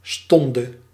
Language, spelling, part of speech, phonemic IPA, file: Dutch, stonde, noun, /ˈstɔndə/, Nl-stonde.ogg
- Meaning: singular past subjunctive of staan